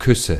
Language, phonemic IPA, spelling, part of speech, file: German, /ˈkʰʏsə/, Küsse, noun, De-Küsse.ogg
- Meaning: 1. nominative plural of Kuss 2. genitive plural of Kuss 3. accusative plural of Kuss